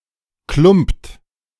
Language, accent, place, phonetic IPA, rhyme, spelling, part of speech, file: German, Germany, Berlin, [klʊmpt], -ʊmpt, klumpt, verb, De-klumpt.ogg
- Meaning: inflection of klumpen: 1. third-person singular present 2. second-person plural present 3. plural imperative